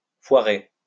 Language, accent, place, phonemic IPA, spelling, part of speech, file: French, France, Lyon, /fwa.ʁe/, foirer, verb, LL-Q150 (fra)-foirer.wav
- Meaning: to screw up, mess up